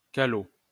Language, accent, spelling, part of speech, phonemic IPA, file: French, France, calot, noun, /ka.lo/, LL-Q150 (fra)-calot.wav
- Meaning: 1. forage cap 2. large marble used in kids' games